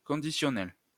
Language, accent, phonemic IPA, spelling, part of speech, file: French, France, /kɔ̃.di.sjɔ.nɛl/, conditionnel, adjective / noun, LL-Q150 (fra)-conditionnel.wav
- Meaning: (adjective) conditional, depending on conditions; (noun) conditional, the conditional mood or the conditional tense